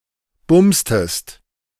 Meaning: inflection of bumsen: 1. second-person singular preterite 2. second-person singular subjunctive II
- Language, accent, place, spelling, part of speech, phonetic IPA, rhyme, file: German, Germany, Berlin, bumstest, verb, [ˈbʊmstəst], -ʊmstəst, De-bumstest.ogg